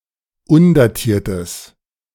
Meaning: strong/mixed nominative/accusative neuter singular of undatiert
- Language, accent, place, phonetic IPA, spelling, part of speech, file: German, Germany, Berlin, [ˈʊndaˌtiːɐ̯təs], undatiertes, adjective, De-undatiertes.ogg